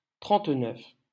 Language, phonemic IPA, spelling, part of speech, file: French, /tʁɑ̃t.nœf/, trente-neuf, numeral, LL-Q150 (fra)-trente-neuf.wav
- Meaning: thirty-nine